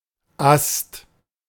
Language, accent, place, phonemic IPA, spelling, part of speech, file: German, Germany, Berlin, /ast/, Ast, noun, De-Ast.ogg
- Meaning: bough, limb, branch